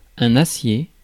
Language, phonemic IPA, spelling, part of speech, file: French, /a.sje/, acier, noun, Fr-acier.ogg
- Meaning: steel